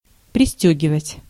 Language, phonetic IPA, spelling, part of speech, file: Russian, [prʲɪˈsʲtʲɵɡʲɪvətʲ], пристёгивать, verb, Ru-пристёгивать.ogg
- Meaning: to buckle up, to zip up, to button up, to fasten